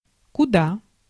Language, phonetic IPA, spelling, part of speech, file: Russian, [kʊˈda], куда, adverb, Ru-куда.ogg
- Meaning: 1. where? 2. why? 3. much (more), a lot (more)